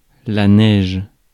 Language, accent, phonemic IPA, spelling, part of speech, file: French, France, /nɛʒ/, neige, noun, Fr-neige.ogg
- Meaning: 1. snow, crystalline frozen precipitation 2. cocaine, crack 3. snow, pattern of dots seen on an untuned television set